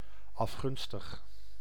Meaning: covetous, envious
- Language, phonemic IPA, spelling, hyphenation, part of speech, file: Dutch, /ˌɑfˈɣʏn.stəx/, afgunstig, af‧gun‧stig, adjective, Nl-afgunstig.ogg